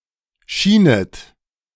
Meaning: second-person plural subjunctive II of scheinen
- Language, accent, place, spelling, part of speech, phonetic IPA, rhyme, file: German, Germany, Berlin, schienet, verb, [ˈʃiːnət], -iːnət, De-schienet.ogg